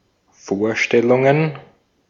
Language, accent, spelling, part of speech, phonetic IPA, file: German, Austria, Vorstellungen, noun, [ˈfoːɐ̯ˌʃtɛlʊŋən], De-at-Vorstellungen.ogg
- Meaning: plural of Vorstellung